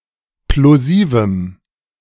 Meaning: strong dative masculine/neuter singular of plosiv
- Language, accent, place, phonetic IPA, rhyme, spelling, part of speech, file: German, Germany, Berlin, [ploˈziːvm̩], -iːvm̩, plosivem, adjective, De-plosivem.ogg